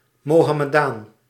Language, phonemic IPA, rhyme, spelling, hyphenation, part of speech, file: Dutch, /moːɦɑməˈdaːn/, -aːn, mohammedaan, mo‧ham‧me‧daan, noun, Nl-mohammedaan.ogg
- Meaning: Mohammedan (exonym, frequently disfavoured by Muslims)